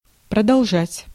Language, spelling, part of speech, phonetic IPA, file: Russian, продолжать, verb, [prədɐɫˈʐatʲ], Ru-продолжать.ogg
- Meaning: 1. to continue, to proceed (with), to go on 2. to keep on